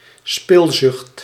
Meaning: profligacy
- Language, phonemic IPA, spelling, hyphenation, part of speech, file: Dutch, /ˈspɪl.zʏxt/, spilzucht, spil‧zucht, noun, Nl-spilzucht.ogg